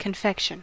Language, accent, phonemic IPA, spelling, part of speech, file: English, US, /kənˈfɛkʃən/, confection, noun / verb, En-us-confection.ogg
- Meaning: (noun) A food item prepared very sweet, frequently decorated in fine detail, and often preserved with sugar, such as a candy, sweetmeat, fruit preserve, pastry, or cake